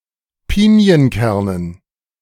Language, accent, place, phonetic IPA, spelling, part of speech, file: German, Germany, Berlin, [ˈpiːni̯ənˌkɛʁnən], Pinienkernen, noun, De-Pinienkernen.ogg
- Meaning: dative plural of Pinienkern